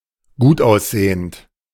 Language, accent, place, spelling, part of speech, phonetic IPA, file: German, Germany, Berlin, gutaussehend, adjective, [ˈɡuːtʔaʊ̯sˌzeːənt], De-gutaussehend.ogg
- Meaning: good-looking, handsome, attractive